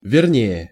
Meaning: 1. comparative degree of ве́рный (vérnyj) 2. comparative degree of ве́рно (vérno)
- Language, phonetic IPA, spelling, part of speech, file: Russian, [vʲɪrˈnʲeje], вернее, adverb, Ru-вернее.ogg